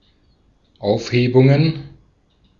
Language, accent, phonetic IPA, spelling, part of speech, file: German, Austria, [ˈaʊ̯fˌheːbʊŋən], Aufhebungen, noun, De-at-Aufhebungen.ogg
- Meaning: plural of Aufhebung